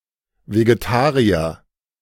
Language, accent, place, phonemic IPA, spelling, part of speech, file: German, Germany, Berlin, /veɡeˈtaːʁiɐ/, Vegetarier, noun, De-Vegetarier.ogg
- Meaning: vegetarian (person)